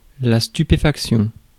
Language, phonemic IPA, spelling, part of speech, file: French, /sty.pe.fak.sjɔ̃/, stupéfaction, noun, Fr-stupéfaction.ogg
- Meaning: amazement